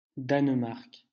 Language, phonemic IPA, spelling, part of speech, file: French, /dan.maʁk/, Danemark, proper noun, LL-Q150 (fra)-Danemark.wav
- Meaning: Denmark (a country in Northern Europe)